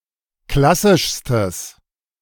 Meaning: strong/mixed nominative/accusative neuter singular superlative degree of klassisch
- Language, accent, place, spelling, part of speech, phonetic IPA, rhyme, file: German, Germany, Berlin, klassischstes, adjective, [ˈklasɪʃstəs], -asɪʃstəs, De-klassischstes.ogg